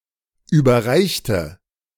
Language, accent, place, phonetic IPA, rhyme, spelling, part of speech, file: German, Germany, Berlin, [ˌyːbɐˈʁaɪ̯çtə], -aɪ̯çtə, überreichte, adjective / verb, De-überreichte.ogg
- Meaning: inflection of überreichen: 1. first/third-person singular preterite 2. first/third-person singular subjunctive II